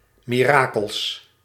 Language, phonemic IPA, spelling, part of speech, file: Dutch, /miˈrakəls/, mirakels, adjective / noun, Nl-mirakels.ogg
- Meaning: plural of mirakel